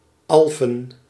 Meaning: 1. a village in Alphen-Chaam, North Brabant, Netherlands 2. any of multiple towns and/or municipalities in the Netherlands: Alphen aan den Rijn, a city and municipality in Zuid-Holland
- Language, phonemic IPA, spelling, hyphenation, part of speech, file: Dutch, /ˈɑl.fə(n)/, Alphen, Al‧phen, proper noun, Nl-Alphen.ogg